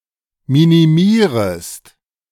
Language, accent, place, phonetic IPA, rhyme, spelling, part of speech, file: German, Germany, Berlin, [ˌminiˈmiːʁəst], -iːʁəst, minimierest, verb, De-minimierest.ogg
- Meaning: second-person singular subjunctive I of minimieren